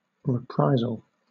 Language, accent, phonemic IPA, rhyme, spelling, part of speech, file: English, Southern England, /ɹɪˈpɹaɪzəl/, -aɪzəl, reprisal, noun, LL-Q1860 (eng)-reprisal.wav
- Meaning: 1. An act of retaliation 2. Something taken from an enemy in retaliation 3. The act of taking something from an enemy by way of retaliation or indemnity